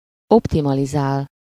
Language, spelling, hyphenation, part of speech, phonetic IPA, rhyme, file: Hungarian, optimalizál, op‧ti‧ma‧li‧zál, verb, [ˈoptimɒlizaːl], -aːl, Hu-optimalizál.ogg
- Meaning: to optimize